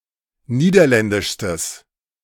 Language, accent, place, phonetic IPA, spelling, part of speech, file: German, Germany, Berlin, [ˈniːdɐˌlɛndɪʃstəs], niederländischstes, adjective, De-niederländischstes.ogg
- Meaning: strong/mixed nominative/accusative neuter singular superlative degree of niederländisch